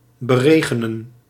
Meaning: 1. to berain, to rain upon 2. to spray water on, to sprinkle water on
- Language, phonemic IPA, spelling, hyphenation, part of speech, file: Dutch, /bəˈreː.ɣə.nə(n)/, beregenen, be‧re‧ge‧nen, verb, Nl-beregenen.ogg